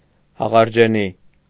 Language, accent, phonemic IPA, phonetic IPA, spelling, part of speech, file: Armenian, Eastern Armenian, /hɑʁɑɾd͡ʒeˈni/, [hɑʁɑɾd͡ʒení], հաղարջենի, noun, Hy-հաղարջենի.ogg
- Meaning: currant, Ribes (shrub)